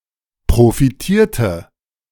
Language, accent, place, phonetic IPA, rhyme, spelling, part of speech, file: German, Germany, Berlin, [pʁofiˈtiːɐ̯tə], -iːɐ̯tə, profitierte, verb, De-profitierte.ogg
- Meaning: inflection of profitieren: 1. first/third-person singular preterite 2. first/third-person singular subjunctive II